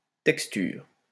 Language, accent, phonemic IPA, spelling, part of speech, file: French, France, /tɛk.styʁ/, texture, noun, LL-Q150 (fra)-texture.wav
- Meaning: texture